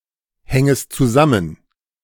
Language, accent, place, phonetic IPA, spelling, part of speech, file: German, Germany, Berlin, [ˌhɛŋəst t͡suˈzamən], hängest zusammen, verb, De-hängest zusammen.ogg
- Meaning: second-person singular subjunctive I of zusammenhängen